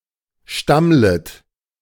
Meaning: second-person plural subjunctive I of stammeln
- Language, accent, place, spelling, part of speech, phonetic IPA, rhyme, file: German, Germany, Berlin, stammlet, verb, [ˈʃtamlət], -amlət, De-stammlet.ogg